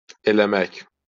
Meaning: to do
- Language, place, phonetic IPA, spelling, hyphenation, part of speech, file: Azerbaijani, Baku, [elæˈmæk], eləmək, e‧lə‧mək, verb, LL-Q9292 (aze)-eləmək.wav